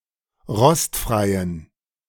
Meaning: inflection of rostfrei: 1. strong genitive masculine/neuter singular 2. weak/mixed genitive/dative all-gender singular 3. strong/weak/mixed accusative masculine singular 4. strong dative plural
- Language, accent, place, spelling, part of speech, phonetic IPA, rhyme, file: German, Germany, Berlin, rostfreien, adjective, [ˈʁɔstfʁaɪ̯ən], -ɔstfʁaɪ̯ən, De-rostfreien.ogg